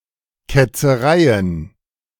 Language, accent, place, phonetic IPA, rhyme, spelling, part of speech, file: German, Germany, Berlin, [ˌkɛt͡səˈʁaɪ̯ən], -aɪ̯ən, Ketzereien, noun, De-Ketzereien.ogg
- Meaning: plural of Ketzerei